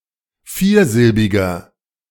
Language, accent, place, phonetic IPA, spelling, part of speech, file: German, Germany, Berlin, [ˈfiːɐ̯ˌzɪlbɪɡɐ], viersilbiger, adjective, De-viersilbiger.ogg
- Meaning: inflection of viersilbig: 1. strong/mixed nominative masculine singular 2. strong genitive/dative feminine singular 3. strong genitive plural